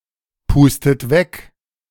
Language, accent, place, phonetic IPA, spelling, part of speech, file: German, Germany, Berlin, [ˌpuːstət ˈvɛk], pustet weg, verb, De-pustet weg.ogg
- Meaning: inflection of wegpusten: 1. third-person singular present 2. second-person plural present 3. second-person plural subjunctive I 4. plural imperative